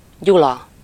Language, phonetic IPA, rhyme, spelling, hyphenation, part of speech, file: Hungarian, [ˈɟulɒ], -lɒ, Gyula, Gyu‧la, proper noun, Hu-Gyula.ogg
- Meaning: 1. a male given name, equivalent to English Julius 2. a town in Békés County, Hungary